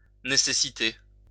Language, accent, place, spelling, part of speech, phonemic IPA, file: French, France, Lyon, nécessiter, verb, /ne.se.si.te/, LL-Q150 (fra)-nécessiter.wav
- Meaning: 1. to require 2. to call for